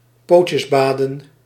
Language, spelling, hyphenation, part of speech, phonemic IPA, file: Dutch, pootjebaden, poot‧je‧ba‧den, verb, /ˈpoːt.jəˌbaː.də(n)/, Nl-pootjebaden.ogg
- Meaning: to paddle, to wet one's feet in water either by wading or by dabbling while seated